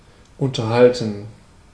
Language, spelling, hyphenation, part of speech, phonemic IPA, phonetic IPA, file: German, unterhalten, un‧ter‧hal‧ten, verb, /ˌʊntəʁˈhaltən/, [ˌʔʊntɐˈhaltn̩], De-unterhalten.ogg
- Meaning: 1. to maintain 2. to entertain 3. to converse